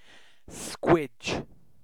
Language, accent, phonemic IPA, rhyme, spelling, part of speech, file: English, UK, /skwɪd͡ʒ/, -ɪdʒ, squidge, verb / noun, En-uk-squidge.ogg
- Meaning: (verb) 1. To squash, most often between one's fingers 2. To fire a wink with a squidger; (noun) 1. A tight space; squeeze 2. The act of firing a wink with a squidger